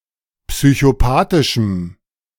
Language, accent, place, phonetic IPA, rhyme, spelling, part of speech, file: German, Germany, Berlin, [psyçoˈpaːtɪʃm̩], -aːtɪʃm̩, psychopathischem, adjective, De-psychopathischem.ogg
- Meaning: strong dative masculine/neuter singular of psychopathisch